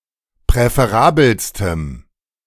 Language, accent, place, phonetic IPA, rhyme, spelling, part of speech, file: German, Germany, Berlin, [pʁɛfeˈʁaːbl̩stəm], -aːbl̩stəm, präferabelstem, adjective, De-präferabelstem.ogg
- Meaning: strong dative masculine/neuter singular superlative degree of präferabel